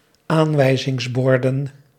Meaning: plural of aanwijzingsbord
- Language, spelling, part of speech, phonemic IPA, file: Dutch, aanwijzingsborden, noun, /ˈaɱwɛizɪŋsˌbɔrdə(n)/, Nl-aanwijzingsborden.ogg